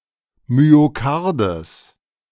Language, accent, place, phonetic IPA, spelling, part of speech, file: German, Germany, Berlin, [myoˈkaʁdəs], Myokardes, noun, De-Myokardes.ogg
- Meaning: genitive singular of Myokard